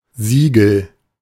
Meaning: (noun) seal (official pattern); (proper noun) a surname
- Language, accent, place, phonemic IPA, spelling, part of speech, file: German, Germany, Berlin, /ziːɡl̩/, Siegel, noun / proper noun, De-Siegel.ogg